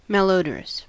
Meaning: 1. Having a bad odor 2. Highly improper
- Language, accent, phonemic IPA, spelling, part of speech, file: English, US, /ˌmælˈoʊ.də.ɹəs/, malodorous, adjective, En-us-malodorous.ogg